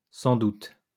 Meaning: no doubt, most probably, most likely
- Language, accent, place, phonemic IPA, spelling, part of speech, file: French, France, Lyon, /sɑ̃ dut/, sans doute, adverb, LL-Q150 (fra)-sans doute.wav